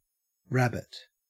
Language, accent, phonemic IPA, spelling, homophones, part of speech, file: English, Australia, /ˈɹæbət/, rabbit, rabbet, noun / verb, En-au-rabbit.ogg
- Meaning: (noun) 1. A mammal of most genera of the family Leporidae, with long ears, long hind legs and a short, fluffy tail. (Those of the larger kind are instead called hares) 2. The meat from this animal